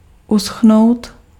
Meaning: to dry up (become dry)
- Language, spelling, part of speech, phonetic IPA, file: Czech, uschnout, verb, [ˈusxnou̯t], Cs-uschnout.ogg